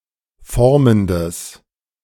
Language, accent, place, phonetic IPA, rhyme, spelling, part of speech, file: German, Germany, Berlin, [ˈfɔʁməndəs], -ɔʁməndəs, formendes, adjective, De-formendes.ogg
- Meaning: strong/mixed nominative/accusative neuter singular of formend